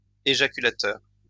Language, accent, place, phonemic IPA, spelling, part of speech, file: French, France, Lyon, /e.ʒa.ky.la.tœʁ/, éjaculateur, adjective / noun, LL-Q150 (fra)-éjaculateur.wav
- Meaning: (adjective) ejaculatory; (noun) ejaculator